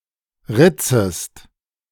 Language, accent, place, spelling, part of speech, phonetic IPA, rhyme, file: German, Germany, Berlin, ritzest, verb, [ˈʁɪt͡səst], -ɪt͡səst, De-ritzest.ogg
- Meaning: second-person singular subjunctive I of ritzen